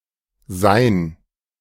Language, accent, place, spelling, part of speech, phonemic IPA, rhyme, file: German, Germany, Berlin, Sein, noun, /zaɪ̯n/, -aɪ̯n, De-Sein.ogg
- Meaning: existence, being, essence (the state and the conditions of being, existing, occurring)